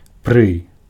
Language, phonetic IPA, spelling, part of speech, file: Belarusian, [prɨ], пры, preposition, Be-пры.ogg
- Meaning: 1. in the presence of 2. in the time of 3. at, by